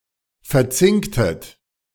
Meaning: inflection of verzinken: 1. second-person plural preterite 2. second-person plural subjunctive II
- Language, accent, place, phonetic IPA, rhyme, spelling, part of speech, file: German, Germany, Berlin, [fɛɐ̯ˈt͡sɪŋktət], -ɪŋktət, verzinktet, verb, De-verzinktet.ogg